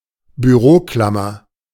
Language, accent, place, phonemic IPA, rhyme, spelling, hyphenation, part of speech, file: German, Germany, Berlin, /byˈʁoːˌklamɐ/, -amɐ, Büroklammer, Bü‧ro‧klam‧mer, noun, De-Büroklammer.ogg
- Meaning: paper clip